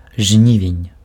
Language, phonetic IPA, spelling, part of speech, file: Belarusian, [ˈʐnʲivʲenʲ], жнівень, noun, Be-жнівень.ogg
- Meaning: August